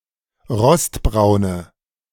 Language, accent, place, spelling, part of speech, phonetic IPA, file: German, Germany, Berlin, rostbraune, adjective, [ˈʁɔstˌbʁaʊ̯nə], De-rostbraune.ogg
- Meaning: inflection of rostbraun: 1. strong/mixed nominative/accusative feminine singular 2. strong nominative/accusative plural 3. weak nominative all-gender singular